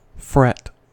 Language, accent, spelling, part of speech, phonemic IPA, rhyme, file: English, US, fret, verb / noun, /fɹɛt/, -ɛt, En-us-fret.ogg
- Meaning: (verb) 1. Especially when describing animals: to consume, devour, or eat 2. To chafe or irritate; to worry 3. To make rough, to agitate or disturb; to cause to ripple